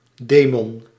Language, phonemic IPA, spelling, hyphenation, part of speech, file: Dutch, /ˈdeː.mɔn/, demon, de‧mon, noun, Nl-demon.ogg
- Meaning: 1. genius, lar 2. demon